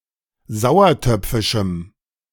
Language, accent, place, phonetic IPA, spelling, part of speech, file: German, Germany, Berlin, [ˈzaʊ̯ɐˌtœp͡fɪʃm̩], sauertöpfischem, adjective, De-sauertöpfischem.ogg
- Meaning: strong dative masculine/neuter singular of sauertöpfisch